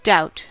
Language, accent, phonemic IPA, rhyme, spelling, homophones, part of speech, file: English, General American, /daʊt/, -aʊt, doubt, dought, verb / noun, En-us-doubt.ogg
- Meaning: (verb) 1. To consider questionable or unlikely; to hesitate to believe; to lack confidence in; to question 2. To harbour suspicion about; suspect 3. To anticipate with dread or fear; to apprehend